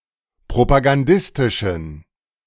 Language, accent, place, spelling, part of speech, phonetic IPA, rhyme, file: German, Germany, Berlin, propagandistischen, adjective, [pʁopaɡanˈdɪstɪʃn̩], -ɪstɪʃn̩, De-propagandistischen.ogg
- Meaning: inflection of propagandistisch: 1. strong genitive masculine/neuter singular 2. weak/mixed genitive/dative all-gender singular 3. strong/weak/mixed accusative masculine singular